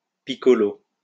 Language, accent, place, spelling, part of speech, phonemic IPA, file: French, France, Lyon, piccolo, noun, /pi.kɔ.lo/, LL-Q150 (fra)-piccolo.wav
- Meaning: piccolo